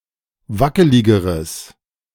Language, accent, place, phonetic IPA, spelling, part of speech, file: German, Germany, Berlin, [ˈvakəlɪɡəʁəs], wackeligeres, adjective, De-wackeligeres.ogg
- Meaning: strong/mixed nominative/accusative neuter singular comparative degree of wackelig